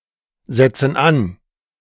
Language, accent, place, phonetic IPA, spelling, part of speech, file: German, Germany, Berlin, [ˌzɛt͡sn̩ ˈan], setzen an, verb, De-setzen an.ogg
- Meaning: inflection of ansetzen: 1. first/third-person plural present 2. first/third-person plural subjunctive I